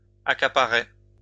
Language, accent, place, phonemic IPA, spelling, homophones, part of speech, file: French, France, Lyon, /a.ka.pa.ʁe/, accaparai, accaparé / accaparée / accaparées / accaparer / accaparés / accaparez, verb, LL-Q150 (fra)-accaparai.wav
- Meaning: first-person singular past historic of accaparer